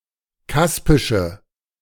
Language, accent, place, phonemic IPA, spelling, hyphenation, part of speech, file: German, Germany, Berlin, /ˈkaspɪʃə/, kaspische, kas‧pi‧sche, adjective, De-kaspische.ogg
- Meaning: inflection of kaspisch: 1. strong/mixed nominative/accusative feminine singular 2. strong nominative/accusative plural 3. weak nominative all-gender singular